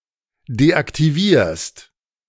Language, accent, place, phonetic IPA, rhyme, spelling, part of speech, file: German, Germany, Berlin, [deʔaktiˈviːɐ̯st], -iːɐ̯st, deaktivierst, verb, De-deaktivierst.ogg
- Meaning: second-person singular present of deaktivieren